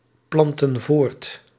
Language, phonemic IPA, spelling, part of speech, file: Dutch, /ˈplɑntə(n) ˈvort/, plantten voort, verb, Nl-plantten voort.ogg
- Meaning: inflection of voortplanten: 1. plural past indicative 2. plural past subjunctive